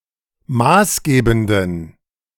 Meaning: inflection of maßgebend: 1. strong genitive masculine/neuter singular 2. weak/mixed genitive/dative all-gender singular 3. strong/weak/mixed accusative masculine singular 4. strong dative plural
- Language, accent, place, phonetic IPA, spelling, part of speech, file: German, Germany, Berlin, [ˈmaːsˌɡeːbn̩dən], maßgebenden, adjective, De-maßgebenden.ogg